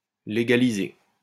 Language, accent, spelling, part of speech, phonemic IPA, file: French, France, légaliser, verb, /le.ɡa.li.ze/, LL-Q150 (fra)-légaliser.wav
- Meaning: to legalize (make legal)